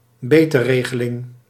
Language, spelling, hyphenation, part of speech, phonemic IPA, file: Dutch, betegeling, be‧te‧ge‧ling, noun, /bəˈteː.ɣə.lɪŋ/, Nl-betegeling.ogg
- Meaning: 1. tiling 2. tessellation